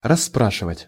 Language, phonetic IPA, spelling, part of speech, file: Russian, [rɐs(ː)ˈpraʂɨvətʲ], расспрашивать, verb, Ru-расспрашивать.ogg
- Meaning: to question, to make inquiries (about)